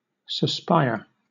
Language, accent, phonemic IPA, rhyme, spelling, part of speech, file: English, Southern England, /səˈspaɪə(ɹ)/, -aɪə(ɹ), suspire, verb / noun, LL-Q1860 (eng)-suspire.wav
- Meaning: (verb) 1. To breathe, especially to exhale 2. To sigh; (noun) A long, deep breath; a sigh